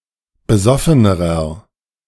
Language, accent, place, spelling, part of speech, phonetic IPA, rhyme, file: German, Germany, Berlin, besoffenerer, adjective, [bəˈzɔfənəʁɐ], -ɔfənəʁɐ, De-besoffenerer.ogg
- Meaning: inflection of besoffen: 1. strong/mixed nominative masculine singular comparative degree 2. strong genitive/dative feminine singular comparative degree 3. strong genitive plural comparative degree